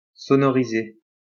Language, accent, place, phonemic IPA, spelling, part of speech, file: French, France, Lyon, /sɔ.nɔ.ʁi.ze/, sonoriser, verb, LL-Q150 (fra)-sonoriser.wav
- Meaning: 1. to voice 2. to install a sound system